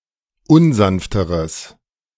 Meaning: strong/mixed nominative/accusative neuter singular comparative degree of unsanft
- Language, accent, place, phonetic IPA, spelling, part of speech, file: German, Germany, Berlin, [ˈʊnˌzanftəʁəs], unsanfteres, adjective, De-unsanfteres.ogg